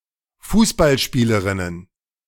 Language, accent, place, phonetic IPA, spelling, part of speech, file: German, Germany, Berlin, [ˈfuːsbalˌʃpiːləʁɪnən], Fußballspielerinnen, noun, De-Fußballspielerinnen.ogg
- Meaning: plural of Fußballspielerin